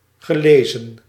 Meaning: past participle of lezen
- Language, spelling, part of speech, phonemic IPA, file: Dutch, gelezen, verb, /ɣə.ˈleː.zə(n)/, Nl-gelezen.ogg